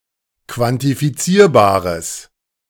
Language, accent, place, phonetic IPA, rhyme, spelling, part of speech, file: German, Germany, Berlin, [kvantifiˈt͡siːɐ̯baːʁəs], -iːɐ̯baːʁəs, quantifizierbares, adjective, De-quantifizierbares.ogg
- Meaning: strong/mixed nominative/accusative neuter singular of quantifizierbar